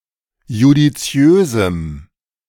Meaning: strong dative masculine/neuter singular of judiziös
- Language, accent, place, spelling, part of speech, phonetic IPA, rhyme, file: German, Germany, Berlin, judiziösem, adjective, [judiˈt͡si̯øːzm̩], -øːzm̩, De-judiziösem.ogg